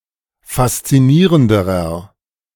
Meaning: inflection of faszinierend: 1. strong/mixed nominative masculine singular comparative degree 2. strong genitive/dative feminine singular comparative degree 3. strong genitive plural comparative degree
- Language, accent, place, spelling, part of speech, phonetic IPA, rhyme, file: German, Germany, Berlin, faszinierenderer, adjective, [fast͡siˈniːʁəndəʁɐ], -iːʁəndəʁɐ, De-faszinierenderer.ogg